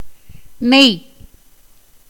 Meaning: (noun) ghee (a type of clarified butter used in South Asian cooking); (verb) 1. to weave, join, string together 2. to be glossy, polished 3. to be fleshy, fat, plump
- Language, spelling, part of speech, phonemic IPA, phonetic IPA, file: Tamil, நெய், noun / verb, /nɛj/, [ne̞j], Ta-நெய்.ogg